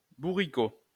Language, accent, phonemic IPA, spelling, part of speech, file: French, France, /bu.ʁi.ko/, bourricot, noun, LL-Q150 (fra)-bourricot.wav
- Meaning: small donkey